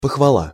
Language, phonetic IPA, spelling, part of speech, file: Russian, [pəxvɐˈɫa], похвала, noun, Ru-похвала.ogg
- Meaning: praise